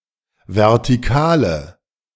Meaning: inflection of vertikal: 1. strong/mixed nominative/accusative feminine singular 2. strong nominative/accusative plural 3. weak nominative all-gender singular
- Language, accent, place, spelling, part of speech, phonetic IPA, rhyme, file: German, Germany, Berlin, vertikale, adjective, [vɛʁtiˈkaːlə], -aːlə, De-vertikale.ogg